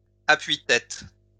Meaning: headrest (part of a seat)
- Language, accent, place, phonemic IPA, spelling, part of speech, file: French, France, Lyon, /a.pɥi.tɛt/, appui-tête, noun, LL-Q150 (fra)-appui-tête.wav